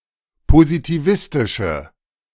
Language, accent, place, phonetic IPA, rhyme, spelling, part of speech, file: German, Germany, Berlin, [pozitiˈvɪstɪʃə], -ɪstɪʃə, positivistische, adjective, De-positivistische.ogg
- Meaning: inflection of positivistisch: 1. strong/mixed nominative/accusative feminine singular 2. strong nominative/accusative plural 3. weak nominative all-gender singular